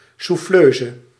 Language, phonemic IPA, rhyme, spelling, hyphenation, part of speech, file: Dutch, /ˌsuˈfløː.zə/, -øːzə, souffleuse, souf‧fleu‧se, noun, Nl-souffleuse.ogg
- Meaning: female equivalent of souffleur (“prompter”)